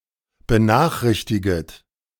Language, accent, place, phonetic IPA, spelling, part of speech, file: German, Germany, Berlin, [bəˈnaːxˌʁɪçtɪɡət], benachrichtiget, verb, De-benachrichtiget.ogg
- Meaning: second-person plural subjunctive I of benachrichtigen